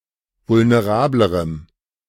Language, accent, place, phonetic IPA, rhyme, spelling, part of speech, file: German, Germany, Berlin, [vʊlneˈʁaːbləʁəm], -aːbləʁəm, vulnerablerem, adjective, De-vulnerablerem.ogg
- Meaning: strong dative masculine/neuter singular comparative degree of vulnerabel